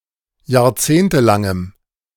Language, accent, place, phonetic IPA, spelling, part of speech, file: German, Germany, Berlin, [jaːɐ̯ˈt͡seːntəˌlaŋəm], jahrzehntelangem, adjective, De-jahrzehntelangem.ogg
- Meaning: strong dative masculine/neuter singular of jahrzehntelang